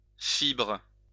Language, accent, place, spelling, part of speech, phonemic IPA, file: French, France, Lyon, fibre, noun, /fibʁ/, LL-Q150 (fra)-fibre.wav
- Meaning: fibre